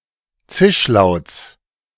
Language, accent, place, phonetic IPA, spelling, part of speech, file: German, Germany, Berlin, [ˈt͡sɪʃˌlaʊ̯t͡s], Zischlauts, noun, De-Zischlauts.ogg
- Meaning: genitive singular of Zischlaut